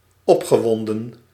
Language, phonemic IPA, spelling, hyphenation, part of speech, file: Dutch, /ˈɔp.xəˌʋɔn.də(n)/, opgewonden, op‧ge‧won‧den, adjective / verb, Nl-opgewonden.ogg
- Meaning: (adjective) 1. excited 2. agitated; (verb) past participle of opwinden